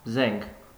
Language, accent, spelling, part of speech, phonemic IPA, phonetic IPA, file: Armenian, Eastern Armenian, զենք, noun, /zenkʰ/, [zeŋkʰ], Hy-զենք.ogg
- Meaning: arm, weapon